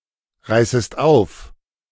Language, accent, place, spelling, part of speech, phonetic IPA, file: German, Germany, Berlin, reißest auf, verb, [ˌʁaɪ̯səst ˈaʊ̯f], De-reißest auf.ogg
- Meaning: second-person singular subjunctive I of aufreißen